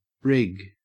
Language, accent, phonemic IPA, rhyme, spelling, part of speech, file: English, Australia, /ɹɪɡ/, -ɪɡ, rig, noun / verb, En-au-rig.ogg
- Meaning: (noun) 1. The rigging of a sailing ship or other such craft 2. Special equipment or gear used for a particular purpose 3. A large truck, especially a semi-trailer truck